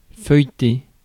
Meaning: 1. to leaf through (turn the pages of (a book) rapidly reading short sections at random) 2. to laminate (cause to separate into thin layers)
- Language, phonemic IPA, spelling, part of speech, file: French, /fœj.te/, feuilleter, verb, Fr-feuilleter.ogg